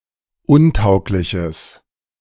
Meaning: strong/mixed nominative/accusative neuter singular of untauglich
- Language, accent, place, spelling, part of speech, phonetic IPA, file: German, Germany, Berlin, untaugliches, adjective, [ˈʊnˌtaʊ̯klɪçəs], De-untaugliches.ogg